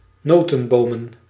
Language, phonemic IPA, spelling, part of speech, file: Dutch, /ˈnotənbomə(n)/, notenbomen, adjective / noun, Nl-notenbomen.ogg
- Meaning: plural of notenboom